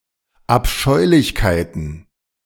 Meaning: plural of Abscheulichkeit
- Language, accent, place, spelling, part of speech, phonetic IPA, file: German, Germany, Berlin, Abscheulichkeiten, noun, [apˈʃɔɪ̯lɪçkaɪ̯tn̩], De-Abscheulichkeiten.ogg